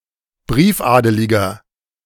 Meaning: inflection of briefadelig: 1. strong/mixed nominative masculine singular 2. strong genitive/dative feminine singular 3. strong genitive plural
- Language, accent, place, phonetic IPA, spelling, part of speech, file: German, Germany, Berlin, [ˈbʁiːfˌʔaːdəlɪɡɐ], briefadeliger, adjective, De-briefadeliger.ogg